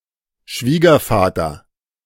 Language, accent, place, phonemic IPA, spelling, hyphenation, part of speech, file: German, Germany, Berlin, /ˈʃviːɡɐˌfaːtɐ/, Schwiegervater, Schwie‧ger‧va‧ter, noun, De-Schwiegervater.ogg
- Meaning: father-in-law